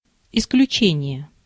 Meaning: 1. exception 2. expulsion, exclusion
- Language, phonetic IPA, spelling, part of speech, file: Russian, [ɪsklʲʉˈt͡ɕenʲɪje], исключение, noun, Ru-исключение.ogg